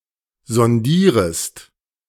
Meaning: second-person singular subjunctive I of sondieren
- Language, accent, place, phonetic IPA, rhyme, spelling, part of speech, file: German, Germany, Berlin, [zɔnˈdiːʁəst], -iːʁəst, sondierest, verb, De-sondierest.ogg